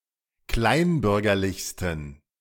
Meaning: 1. superlative degree of kleinbürgerlich 2. inflection of kleinbürgerlich: strong genitive masculine/neuter singular superlative degree
- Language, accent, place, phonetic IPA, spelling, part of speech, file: German, Germany, Berlin, [ˈklaɪ̯nˌbʏʁɡɐlɪçstn̩], kleinbürgerlichsten, adjective, De-kleinbürgerlichsten.ogg